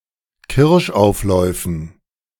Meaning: dative plural of Kirschauflauf
- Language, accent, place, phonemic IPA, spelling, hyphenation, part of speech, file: German, Germany, Berlin, /ˈkɪʁʃˌʔaʊ̯flɔɪ̯fn̩/, Kirschaufläufen, Kirsch‧auf‧läu‧fen, noun, De-Kirschaufläufen.ogg